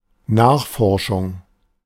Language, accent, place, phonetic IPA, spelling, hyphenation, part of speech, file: German, Germany, Berlin, [ˈnaːχˌfɔʁʃʊŋ], Nachforschung, Nach‧for‧schung, noun, De-Nachforschung.ogg
- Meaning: 1. investigation 2. inquiry